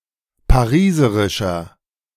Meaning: inflection of pariserisch: 1. strong/mixed nominative masculine singular 2. strong genitive/dative feminine singular 3. strong genitive plural
- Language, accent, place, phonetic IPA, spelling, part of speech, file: German, Germany, Berlin, [paˈʁiːzəʁɪʃɐ], pariserischer, adjective, De-pariserischer.ogg